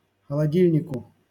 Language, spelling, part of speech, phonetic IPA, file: Russian, холодильнику, noun, [xəɫɐˈdʲilʲnʲɪkʊ], LL-Q7737 (rus)-холодильнику.wav
- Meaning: dative singular of холоди́льник (xolodílʹnik)